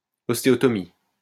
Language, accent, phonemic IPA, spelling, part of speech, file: French, France, /ɔs.te.ɔ.tɔ.mi/, ostéotomie, noun, LL-Q150 (fra)-ostéotomie.wav
- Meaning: osteotomy